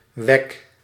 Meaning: inflection of wekken: 1. first-person singular present indicative 2. second-person singular present indicative 3. imperative
- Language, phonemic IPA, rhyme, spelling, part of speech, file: Dutch, /ʋɛk/, -ɛk, wek, verb, Nl-wek.ogg